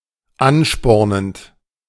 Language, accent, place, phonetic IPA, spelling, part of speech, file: German, Germany, Berlin, [ˈanˌʃpɔʁnənt], anspornend, verb, De-anspornend.ogg
- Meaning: present participle of anspornen